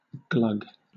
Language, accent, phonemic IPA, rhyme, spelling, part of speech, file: English, Southern England, /ɡlʌɡ/, -ʌɡ, glug, noun / verb / interjection, LL-Q1860 (eng)-glug.wav
- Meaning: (noun) 1. The sound made when a significant amount of liquid is poured suddenly out of something, such as a jug or bottle 2. The amount of liquid issued when the "glug" sound is heard